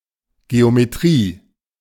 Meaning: geometry
- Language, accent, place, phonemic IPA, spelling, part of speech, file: German, Germany, Berlin, /ɡeomeˈtʁiː/, Geometrie, noun, De-Geometrie.ogg